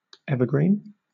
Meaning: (adjective) Of plants, especially trees, that do not shed their leaves seasonally
- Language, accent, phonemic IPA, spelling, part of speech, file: English, Southern England, /ˈɛvəɡɹiːn/, evergreen, adjective / noun / verb, LL-Q1860 (eng)-evergreen.wav